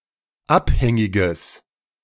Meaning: strong/mixed nominative/accusative neuter singular of abhängig
- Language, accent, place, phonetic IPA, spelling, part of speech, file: German, Germany, Berlin, [ˈapˌhɛŋɪɡəs], abhängiges, adjective, De-abhängiges.ogg